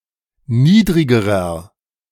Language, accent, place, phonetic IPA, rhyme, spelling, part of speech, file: German, Germany, Berlin, [ˈniːdʁɪɡəʁɐ], -iːdʁɪɡəʁɐ, niedrigerer, adjective, De-niedrigerer.ogg
- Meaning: inflection of niedrig: 1. strong/mixed nominative masculine singular comparative degree 2. strong genitive/dative feminine singular comparative degree 3. strong genitive plural comparative degree